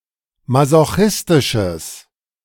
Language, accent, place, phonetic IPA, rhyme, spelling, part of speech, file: German, Germany, Berlin, [mazoˈxɪstɪʃəs], -ɪstɪʃəs, masochistisches, adjective, De-masochistisches.ogg
- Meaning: strong/mixed nominative/accusative neuter singular of masochistisch